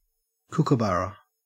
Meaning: Any of several species of kingfishers in the genus Dacelo
- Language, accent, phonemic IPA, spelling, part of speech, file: English, Australia, /ˈkʊkəˌbaɹə/, kookaburra, noun, En-au-kookaburra.ogg